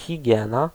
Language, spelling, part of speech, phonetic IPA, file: Polish, higiena, noun, [xʲiˈɟɛ̃na], Pl-higiena.ogg